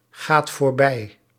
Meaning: inflection of voorbijgaan: 1. second/third-person singular present indicative 2. plural imperative
- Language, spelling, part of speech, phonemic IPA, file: Dutch, gaat voorbij, verb, /ˈɣat vorˈbɛi/, Nl-gaat voorbij.ogg